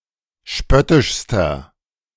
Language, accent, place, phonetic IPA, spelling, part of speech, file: German, Germany, Berlin, [ˈʃpœtɪʃstɐ], spöttischster, adjective, De-spöttischster.ogg
- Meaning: inflection of spöttisch: 1. strong/mixed nominative masculine singular superlative degree 2. strong genitive/dative feminine singular superlative degree 3. strong genitive plural superlative degree